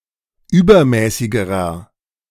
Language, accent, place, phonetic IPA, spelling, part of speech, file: German, Germany, Berlin, [ˈyːbɐˌmɛːsɪɡəʁɐ], übermäßigerer, adjective, De-übermäßigerer.ogg
- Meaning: inflection of übermäßig: 1. strong/mixed nominative masculine singular comparative degree 2. strong genitive/dative feminine singular comparative degree 3. strong genitive plural comparative degree